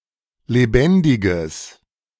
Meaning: strong/mixed nominative/accusative neuter singular of lebendig
- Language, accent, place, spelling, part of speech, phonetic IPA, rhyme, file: German, Germany, Berlin, lebendiges, adjective, [leˈbɛndɪɡəs], -ɛndɪɡəs, De-lebendiges.ogg